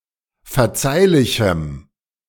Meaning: strong dative masculine/neuter singular of verzeihlich
- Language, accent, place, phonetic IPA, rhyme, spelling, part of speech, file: German, Germany, Berlin, [fɛɐ̯ˈt͡saɪ̯lɪçm̩], -aɪ̯lɪçm̩, verzeihlichem, adjective, De-verzeihlichem.ogg